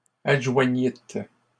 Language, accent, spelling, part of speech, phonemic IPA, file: French, Canada, adjoignîtes, verb, /ad.ʒwa.ɲit/, LL-Q150 (fra)-adjoignîtes.wav
- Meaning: second-person plural past historic of adjoindre